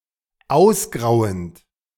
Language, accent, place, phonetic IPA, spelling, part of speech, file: German, Germany, Berlin, [ˈaʊ̯sˌɡʁaʊ̯ənt], ausgrauend, verb, De-ausgrauend.ogg
- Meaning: present participle of ausgrauen